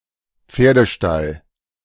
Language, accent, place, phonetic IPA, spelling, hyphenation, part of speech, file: German, Germany, Berlin, [ˈp͡feːɐ̯dəˌʃtal], Pferdestall, Pfer‧de‧stall, noun, De-Pferdestall.ogg
- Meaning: stable (for horses)